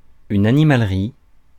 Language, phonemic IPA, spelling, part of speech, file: French, /a.ni.mal.ʁi/, animalerie, noun, Fr-animalerie.ogg
- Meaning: 1. pet shop 2. laboratory for animal testing